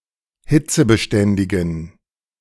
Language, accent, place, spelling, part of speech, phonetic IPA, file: German, Germany, Berlin, hitzebeständigen, adjective, [ˈhɪt͡səbəˌʃtɛndɪɡn̩], De-hitzebeständigen.ogg
- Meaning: inflection of hitzebeständig: 1. strong genitive masculine/neuter singular 2. weak/mixed genitive/dative all-gender singular 3. strong/weak/mixed accusative masculine singular 4. strong dative plural